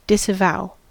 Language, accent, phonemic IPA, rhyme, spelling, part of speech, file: English, US, /dɪsəˈvaʊ/, -aʊ, disavow, verb, En-us-disavow.ogg
- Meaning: 1. To strongly and solemnly refuse to own or acknowledge; to deny responsibility for, approbation of, and the like 2. To deny; to show the contrary of; to deny legitimacy or achievement of any kind